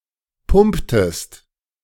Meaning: inflection of pumpen: 1. second-person singular preterite 2. second-person singular subjunctive II
- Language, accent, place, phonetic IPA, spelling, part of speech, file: German, Germany, Berlin, [ˈpʊmptəst], pumptest, verb, De-pumptest.ogg